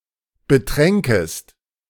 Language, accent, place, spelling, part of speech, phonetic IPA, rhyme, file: German, Germany, Berlin, betränkest, verb, [bəˈtʁɛŋkəst], -ɛŋkəst, De-betränkest.ogg
- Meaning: second-person singular subjunctive II of betrinken